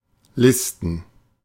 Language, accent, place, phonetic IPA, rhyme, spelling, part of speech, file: German, Germany, Berlin, [ˈlɪstn̩], -ɪstn̩, Listen, noun, De-Listen.ogg
- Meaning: 1. plural of Liste 2. plural of List